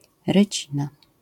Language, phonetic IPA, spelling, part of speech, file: Polish, [rɨˈt͡ɕĩna], rycina, noun, LL-Q809 (pol)-rycina.wav